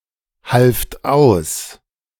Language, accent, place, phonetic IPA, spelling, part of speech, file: German, Germany, Berlin, [ˌhalft ˈaʊ̯s], halft aus, verb, De-halft aus.ogg
- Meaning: second-person plural preterite of aushelfen